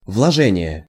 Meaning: 1. enclosure (something enclosed) 2. attachment (file sent along with an email) 3. investment
- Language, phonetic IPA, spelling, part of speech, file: Russian, [vɫɐˈʐɛnʲɪje], вложение, noun, Ru-вложение.ogg